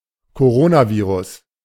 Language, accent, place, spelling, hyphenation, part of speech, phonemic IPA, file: German, Germany, Berlin, Coronavirus, Co‧ro‧na‧vi‧rus, noun, /koˈʁoːnaˌviːʁʊs/, De-Coronavirus.ogg
- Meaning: coronavirus